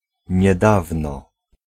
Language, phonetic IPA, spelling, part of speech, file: Polish, [ɲɛˈdavnɔ], niedawno, adverb, Pl-niedawno.ogg